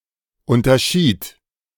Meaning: first/third-person singular preterite of unterscheiden
- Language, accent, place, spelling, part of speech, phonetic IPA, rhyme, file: German, Germany, Berlin, unterschied, verb, [ˌʊntɐˈʃiːt], -iːt, De-unterschied.ogg